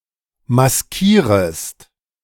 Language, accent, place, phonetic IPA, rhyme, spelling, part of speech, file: German, Germany, Berlin, [masˈkiːʁəst], -iːʁəst, maskierest, verb, De-maskierest.ogg
- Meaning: second-person singular subjunctive I of maskieren